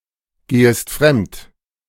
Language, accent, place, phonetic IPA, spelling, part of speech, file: German, Germany, Berlin, [ˌɡeːəst ˈfʁɛmt], gehest fremd, verb, De-gehest fremd.ogg
- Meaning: second-person singular subjunctive I of fremdgehen